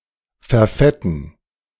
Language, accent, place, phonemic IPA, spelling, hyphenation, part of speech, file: German, Germany, Berlin, /fɛɐ̯ˈfɛtn̩/, verfetten, ver‧fet‧ten, verb, De-verfetten.ogg
- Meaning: to become fat